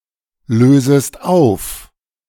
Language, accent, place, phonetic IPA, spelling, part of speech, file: German, Germany, Berlin, [ˌløːzəst ˈaʊ̯f], lösest auf, verb, De-lösest auf.ogg
- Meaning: second-person singular subjunctive I of auflösen